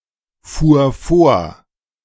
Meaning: first/third-person singular preterite of vorfahren
- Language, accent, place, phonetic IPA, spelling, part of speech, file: German, Germany, Berlin, [fuːɐ̯ ˈfoːɐ̯], fuhr vor, verb, De-fuhr vor.ogg